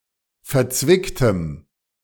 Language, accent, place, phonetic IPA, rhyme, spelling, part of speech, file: German, Germany, Berlin, [fɛɐ̯ˈt͡svɪktəm], -ɪktəm, verzwicktem, adjective, De-verzwicktem.ogg
- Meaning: strong dative masculine/neuter singular of verzwickt